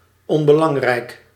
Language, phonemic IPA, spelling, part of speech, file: Dutch, /ˌɔm.bə.ˈlɑŋ.rɛi̯k/, onbelangrijk, adjective, Nl-onbelangrijk.ogg
- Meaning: unimportant